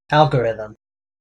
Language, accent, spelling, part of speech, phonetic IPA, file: English, US, algorithm, noun, [ˈæɫɡəɹɪðm̩], En-us-algorithm.ogg